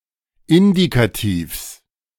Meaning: genitive singular of Indikativ
- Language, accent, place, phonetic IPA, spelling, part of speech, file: German, Germany, Berlin, [ˈɪndikatiːfs], Indikativs, noun, De-Indikativs.ogg